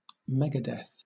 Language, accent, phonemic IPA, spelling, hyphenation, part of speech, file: English, Southern England, /ˈmɛɡədɛθ/, megadeath, mega‧death, noun, LL-Q1860 (eng)-megadeath.wav
- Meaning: 1. One million deaths, especially as a unit of measure for estimating deaths due to nuclear warfare 2. The deaths of a very large number of people; a massacre, a slaughter